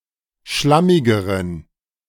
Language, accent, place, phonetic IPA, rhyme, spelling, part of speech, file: German, Germany, Berlin, [ˈʃlamɪɡəʁən], -amɪɡəʁən, schlammigeren, adjective, De-schlammigeren.ogg
- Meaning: inflection of schlammig: 1. strong genitive masculine/neuter singular comparative degree 2. weak/mixed genitive/dative all-gender singular comparative degree